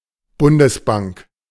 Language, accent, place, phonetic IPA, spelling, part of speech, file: German, Germany, Berlin, [ˈbʊndəsˌbaŋk], Bundesbank, proper noun, De-Bundesbank.ogg
- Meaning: Deutsche Bundesbank